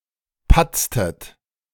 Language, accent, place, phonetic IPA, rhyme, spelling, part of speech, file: German, Germany, Berlin, [ˈpat͡stət], -at͡stət, patztet, verb, De-patztet.ogg
- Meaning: inflection of patzen: 1. second-person plural preterite 2. second-person plural subjunctive II